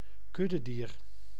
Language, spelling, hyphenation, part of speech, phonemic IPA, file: Dutch, kuddedier, kud‧de‧dier, noun, /ˈkʏ.dəˌdiːr/, Nl-kuddedier.ogg
- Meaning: 1. gregarious animal 2. someone who follows the pack, sheep